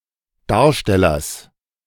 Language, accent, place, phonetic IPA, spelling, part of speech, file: German, Germany, Berlin, [ˈdaːɐ̯ʃtɛlɐs], Darstellers, noun, De-Darstellers.ogg
- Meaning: genitive singular of Darsteller